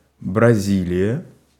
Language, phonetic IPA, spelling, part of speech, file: Russian, [brɐˈzʲilʲɪjə], Бразилия, proper noun, Ru-Бразилия.ogg
- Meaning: Brazil (a large Portuguese-speaking country in South America)